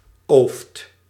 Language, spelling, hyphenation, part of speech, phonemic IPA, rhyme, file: Dutch, ooft, ooft, noun, /oːft/, -oːft, Nl-ooft.ogg
- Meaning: 1. tree fruit 2. fruit in general